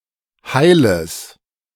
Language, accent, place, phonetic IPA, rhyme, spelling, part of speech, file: German, Germany, Berlin, [ˈhaɪ̯ləs], -aɪ̯ləs, Heiles, noun, De-Heiles.ogg
- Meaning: genitive of Heil